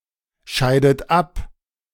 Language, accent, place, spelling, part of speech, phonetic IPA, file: German, Germany, Berlin, scheidet ab, verb, [ˌʃaɪ̯dət ˈap], De-scheidet ab.ogg
- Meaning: inflection of abscheiden: 1. third-person singular present 2. second-person plural present 3. second-person plural subjunctive I 4. plural imperative